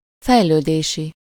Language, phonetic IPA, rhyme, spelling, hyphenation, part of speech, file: Hungarian, [ˈfɛjløːdeːʃi], -ʃi, fejlődési, fej‧lő‧dé‧si, adjective, Hu-fejlődési.ogg
- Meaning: developmental